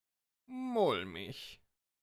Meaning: 1. uneasy, apprehensive, anxious 2. powdery, loose, friable (of topsoil, coal, etc.) 3. rotten, putrid (of wood, water)
- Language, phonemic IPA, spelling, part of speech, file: German, /ˈmʊlmɪç/, mulmig, adjective, De-mulmig.ogg